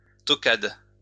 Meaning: post-1990 spelling of toquade
- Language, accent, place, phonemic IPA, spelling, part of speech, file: French, France, Lyon, /tɔ.kad/, tocade, noun, LL-Q150 (fra)-tocade.wav